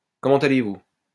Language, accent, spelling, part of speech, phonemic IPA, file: French, France, comment allez-vous, phrase, /kɔ.mɑ̃.t‿a.le.vu/, LL-Q150 (fra)-comment allez-vous.wav
- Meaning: how are you